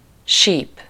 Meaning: 1. whistle (musical instrument) 2. organ pipe, pipe (a tuned metal or wooden tube connected mechanically or electrically to an organ console)
- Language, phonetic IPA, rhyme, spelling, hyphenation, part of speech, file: Hungarian, [ˈʃiːp], -iːp, síp, síp, noun, Hu-síp.ogg